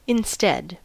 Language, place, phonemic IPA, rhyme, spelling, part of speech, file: English, California, /ɪnˈstɛd/, -ɛd, instead, adverb, En-us-instead.ogg
- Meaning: In the place of something (usually mentioned earlier); as a substitute or alternative